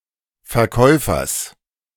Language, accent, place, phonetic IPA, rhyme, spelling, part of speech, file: German, Germany, Berlin, [fɛɐ̯ˈkɔɪ̯fɐs], -ɔɪ̯fɐs, Verkäufers, noun, De-Verkäufers.ogg
- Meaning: genitive singular of Verkäufer